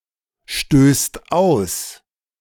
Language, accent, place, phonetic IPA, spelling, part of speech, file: German, Germany, Berlin, [ˌʃtøːst ˈaʊ̯s], stößt aus, verb, De-stößt aus.ogg
- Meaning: second/third-person singular present of ausstoßen